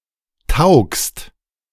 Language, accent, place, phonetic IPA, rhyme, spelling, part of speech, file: German, Germany, Berlin, [taʊ̯kst], -aʊ̯kst, taugst, verb, De-taugst.ogg
- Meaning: second-person singular present of taugen